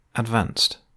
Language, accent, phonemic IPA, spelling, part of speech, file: English, UK, /ədˈvɑːnst/, advanced, verb / adjective, En-GB-advanced.ogg
- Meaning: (verb) simple past and past participle of advance; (adjective) 1. At or close to the state of the art 2. Involving greater complexity; more difficult, elaborate or specialized